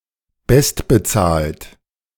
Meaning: highest-paid
- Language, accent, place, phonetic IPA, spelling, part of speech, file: German, Germany, Berlin, [ˈbɛstbəˌt͡saːlt], bestbezahlt, adjective, De-bestbezahlt.ogg